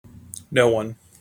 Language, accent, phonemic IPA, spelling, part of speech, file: English, General American, /ˈnoʊ ˌwʌn/, no one, pronoun, En-us-no one.mp3
- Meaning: 1. Used in contrast to anyone, someone or everyone: not one person; nobody 2. Used other than figuratively or idiomatically: see no, one